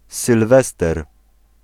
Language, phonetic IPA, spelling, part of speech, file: Polish, [sɨlˈvɛstɛr], Sylwester, proper noun, Pl-Sylwester.ogg